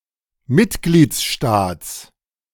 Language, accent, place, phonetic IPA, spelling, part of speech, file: German, Germany, Berlin, [ˈmɪtɡliːt͡sˌʃtaːt͡s], Mitgliedsstaats, noun, De-Mitgliedsstaats.ogg
- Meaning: genitive singular of Mitgliedsstaat